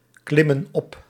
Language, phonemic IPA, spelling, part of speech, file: Dutch, /ˈklɪmə(n) ˈɔp/, klimmen op, verb, Nl-klimmen op.ogg
- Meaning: inflection of opklimmen: 1. plural present indicative 2. plural present subjunctive